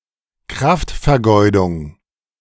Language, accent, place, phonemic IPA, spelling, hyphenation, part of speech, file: German, Germany, Berlin, /ˈkʁaftfɛɐ̯ˌɡɔɪ̯dʊŋ/, Kraftvergeudung, Kraft‧ver‧geu‧dung, noun, De-Kraftvergeudung.ogg
- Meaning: waste of energy